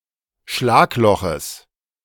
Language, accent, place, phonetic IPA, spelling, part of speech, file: German, Germany, Berlin, [ˈʃlaːkˌlɔxəs], Schlagloches, noun, De-Schlagloches.ogg
- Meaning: genitive singular of Schlagloch